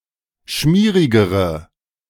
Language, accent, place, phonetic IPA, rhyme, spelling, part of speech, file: German, Germany, Berlin, [ˈʃmiːʁɪɡəʁə], -iːʁɪɡəʁə, schmierigere, adjective, De-schmierigere.ogg
- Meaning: inflection of schmierig: 1. strong/mixed nominative/accusative feminine singular comparative degree 2. strong nominative/accusative plural comparative degree